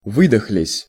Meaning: short plural past indicative perfective of вы́дохнуться (výdoxnutʹsja)
- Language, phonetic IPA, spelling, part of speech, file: Russian, [ˈvɨdəxlʲɪsʲ], выдохлись, verb, Ru-выдохлись.ogg